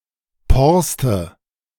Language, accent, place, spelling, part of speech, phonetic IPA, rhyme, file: German, Germany, Berlin, Porste, noun, [ˈpɔʁstə], -ɔʁstə, De-Porste.ogg
- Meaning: archaic form of Porst